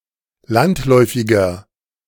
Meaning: 1. comparative degree of landläufig 2. inflection of landläufig: strong/mixed nominative masculine singular 3. inflection of landläufig: strong genitive/dative feminine singular
- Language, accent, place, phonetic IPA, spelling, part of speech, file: German, Germany, Berlin, [ˈlantˌlɔɪ̯fɪɡɐ], landläufiger, adjective, De-landläufiger.ogg